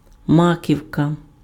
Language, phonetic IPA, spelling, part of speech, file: Ukrainian, [ˈmakʲiu̯kɐ], маківка, noun, Uk-маківка.ogg
- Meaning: 1. poppy head 2. top, summit